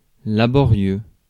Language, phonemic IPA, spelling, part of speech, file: French, /la.bɔ.ʁjø/, laborieux, adjective, Fr-laborieux.ogg
- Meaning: laborious, painstaking